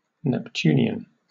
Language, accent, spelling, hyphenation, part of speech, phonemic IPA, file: English, Received Pronunciation, Neptunian, Nep‧tun‧i‧an, adjective / noun, /nɛpˈtjuː.nɪ.ən/, En-uk-Neptunian.oga
- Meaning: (adjective) 1. Of or pertaining to Neptune, the Roman god of fresh water and the sea, the counterpart of the Greek god Poseidon 2. Of or pertaining to water or the sea 3. Formed by the action of water